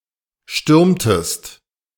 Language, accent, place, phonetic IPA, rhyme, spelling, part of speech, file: German, Germany, Berlin, [ˈʃtʏʁmtəst], -ʏʁmtəst, stürmtest, verb, De-stürmtest.ogg
- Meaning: inflection of stürmen: 1. second-person singular preterite 2. second-person singular subjunctive II